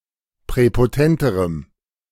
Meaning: strong dative masculine/neuter singular comparative degree of präpotent
- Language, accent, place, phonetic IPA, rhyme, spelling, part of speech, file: German, Germany, Berlin, [pʁɛpoˈtɛntəʁəm], -ɛntəʁəm, präpotenterem, adjective, De-präpotenterem.ogg